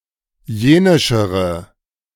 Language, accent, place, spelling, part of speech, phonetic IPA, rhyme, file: German, Germany, Berlin, jenischere, adjective, [ˈjeːnɪʃəʁə], -eːnɪʃəʁə, De-jenischere.ogg
- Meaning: inflection of jenisch: 1. strong/mixed nominative/accusative feminine singular comparative degree 2. strong nominative/accusative plural comparative degree